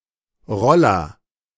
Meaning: 1. anything that rolls, roller 2. scooter: a human-powered vehicle on two wheels propelled by pushing off the ground, a kick scooter or push scooter
- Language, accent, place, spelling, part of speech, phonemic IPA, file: German, Germany, Berlin, Roller, noun, /ˈʁɔlɐ/, De-Roller.ogg